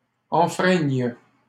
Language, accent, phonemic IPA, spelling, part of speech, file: French, Canada, /ɑ̃.fʁɛɲ/, enfreignent, verb, LL-Q150 (fra)-enfreignent.wav
- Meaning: third-person plural present indicative/subjunctive of enfreindre